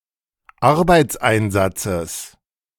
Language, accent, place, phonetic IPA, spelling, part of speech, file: German, Germany, Berlin, [ˈaʁbaɪ̯t͡sˌʔaɪ̯nzat͡səs], Arbeitseinsatzes, noun, De-Arbeitseinsatzes.ogg
- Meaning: genitive singular of Arbeitseinsatz